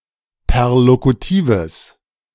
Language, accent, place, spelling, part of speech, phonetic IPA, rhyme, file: German, Germany, Berlin, perlokutives, adjective, [pɛʁlokuˈtiːvəs], -iːvəs, De-perlokutives.ogg
- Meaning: strong/mixed nominative/accusative neuter singular of perlokutiv